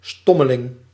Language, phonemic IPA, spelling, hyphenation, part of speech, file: Dutch, /ˈstɔməlɪŋ/, stommeling, stom‧me‧ling, noun, Nl-stommeling.ogg
- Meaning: a dumb-ass, dunce, duffer, stupid person